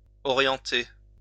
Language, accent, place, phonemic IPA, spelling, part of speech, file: French, France, Lyon, /ɔ.ʁjɑ̃.te/, orienter, verb, LL-Q150 (fra)-orienter.wav
- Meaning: 1. to orientate 2. to set to north 3. to guide